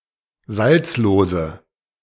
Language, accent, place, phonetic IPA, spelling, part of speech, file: German, Germany, Berlin, [ˈzalt͡sloːzə], salzlose, adjective, De-salzlose.ogg
- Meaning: inflection of salzlos: 1. strong/mixed nominative/accusative feminine singular 2. strong nominative/accusative plural 3. weak nominative all-gender singular 4. weak accusative feminine/neuter singular